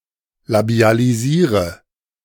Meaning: inflection of labialisieren: 1. first-person singular present 2. first/third-person singular subjunctive I 3. singular imperative
- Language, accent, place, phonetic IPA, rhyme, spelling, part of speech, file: German, Germany, Berlin, [labi̯aliˈziːʁə], -iːʁə, labialisiere, verb, De-labialisiere.ogg